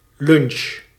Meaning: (noun) a lunch, a meal eaten around noon; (verb) inflection of lunchen: 1. first-person singular present indicative 2. second-person singular present indicative 3. imperative
- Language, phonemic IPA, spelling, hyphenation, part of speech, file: Dutch, /lʏnʃ/, lunch, lunch, noun / verb, Nl-lunch.ogg